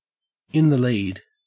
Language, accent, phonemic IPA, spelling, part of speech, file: English, Australia, /ˌɪnðəˈliːd/, in the lead, prepositional phrase, En-au-in the lead.ogg
- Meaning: in first place in a contest, or parade